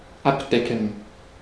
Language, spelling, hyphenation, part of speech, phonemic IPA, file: German, abdecken, ab‧de‧cken, verb, /ˈapˌdɛkən/, De-abdecken.ogg
- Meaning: 1. to cover 2. to cover costs 3. to uncover, untile